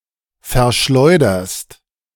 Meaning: second-person singular present of verschleudern
- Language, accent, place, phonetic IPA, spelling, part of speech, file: German, Germany, Berlin, [fɛɐ̯ˈʃlɔɪ̯dɐst], verschleuderst, verb, De-verschleuderst.ogg